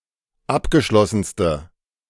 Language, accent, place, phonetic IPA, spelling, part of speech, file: German, Germany, Berlin, [ˈapɡəˌʃlɔsn̩stə], abgeschlossenste, adjective, De-abgeschlossenste.ogg
- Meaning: inflection of abgeschlossen: 1. strong/mixed nominative/accusative feminine singular superlative degree 2. strong nominative/accusative plural superlative degree